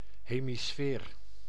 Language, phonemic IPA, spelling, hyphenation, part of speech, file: Dutch, /ɦeː.miˈsfeːr/, hemisfeer, he‧mi‧sfeer, noun, Nl-hemisfeer.ogg
- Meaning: a hemisphere, half-sphere, notably half the planet Earth